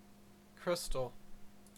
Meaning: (noun) A solid composed of an array of atoms or molecules possessing long-range order and arranged in a pattern which is periodic in three dimensions
- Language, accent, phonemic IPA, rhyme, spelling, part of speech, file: English, Canada, /ˈkɹɪstəl/, -ɪstəl, crystal, noun / adjective, En-ca-crystal.ogg